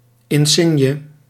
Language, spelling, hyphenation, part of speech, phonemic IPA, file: Dutch, insigne, in‧sig‧ne, noun, /ˌɪnˈsɪn.jə/, Nl-insigne.ogg
- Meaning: an insignia, a badge